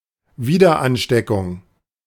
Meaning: reinfection
- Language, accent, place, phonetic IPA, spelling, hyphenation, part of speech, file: German, Germany, Berlin, [ˈviːdɐˌʔanʃtɛkʊŋ], Wiederansteckung, Wie‧der‧an‧ste‧ckung, noun, De-Wiederansteckung.ogg